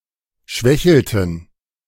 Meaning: inflection of schwächeln: 1. first/third-person plural preterite 2. first/third-person plural subjunctive II
- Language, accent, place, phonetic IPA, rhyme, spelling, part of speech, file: German, Germany, Berlin, [ˈʃvɛçl̩tn̩], -ɛçl̩tn̩, schwächelten, verb, De-schwächelten.ogg